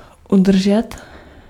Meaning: 1. to hold and not lose 2. to keep, to maintain
- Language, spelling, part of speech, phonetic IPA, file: Czech, udržet, verb, [ˈudr̩ʒɛt], Cs-udržet.ogg